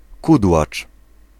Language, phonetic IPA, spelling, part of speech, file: Polish, [ˈkudwat͡ʃ], kudłacz, noun, Pl-kudłacz.ogg